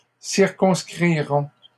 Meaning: third-person plural future of circonscrire
- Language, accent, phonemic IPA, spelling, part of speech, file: French, Canada, /siʁ.kɔ̃s.kʁi.ʁɔ̃/, circonscriront, verb, LL-Q150 (fra)-circonscriront.wav